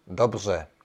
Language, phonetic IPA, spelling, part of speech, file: Czech, [ˈdobr̝ɛ], dobře, adverb, Cs-dobře.ogg
- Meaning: well